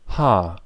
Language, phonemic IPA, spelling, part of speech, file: German, /haːr/, Haar, noun, De-Haar.ogg
- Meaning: 1. hair (a singular hair, not limited to the head) 2. hair (the totality of hair on someone's head)